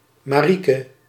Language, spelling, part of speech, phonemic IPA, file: Dutch, Marieke, proper noun, /maːˈri.kə/, Nl-Marieke.ogg
- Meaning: a female given name